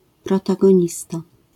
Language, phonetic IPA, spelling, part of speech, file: Polish, [ˌprɔtaɡɔ̃ˈɲista], protagonista, noun, LL-Q809 (pol)-protagonista.wav